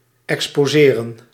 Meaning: 1. to expose, to unravel, to uncover 2. to exhibit
- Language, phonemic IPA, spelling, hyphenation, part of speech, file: Dutch, /ˌɛkspoːˈzeːrə(n)/, exposeren, ex‧po‧se‧ren, verb, Nl-exposeren.ogg